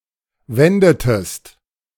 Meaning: inflection of wenden: 1. second-person singular preterite 2. second-person singular subjunctive II
- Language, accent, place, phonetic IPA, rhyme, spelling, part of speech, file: German, Germany, Berlin, [ˈvɛndətəst], -ɛndətəst, wendetest, verb, De-wendetest.ogg